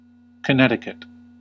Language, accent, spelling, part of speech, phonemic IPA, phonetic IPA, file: English, US, Connecticut, proper noun, /kəˈnɛt.ɪ.kət/, [kəˈnɛɾ.ɪ.kət], En-us-Connecticut.ogg
- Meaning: 1. A state in the northeastern United States 2. A river in New England, United States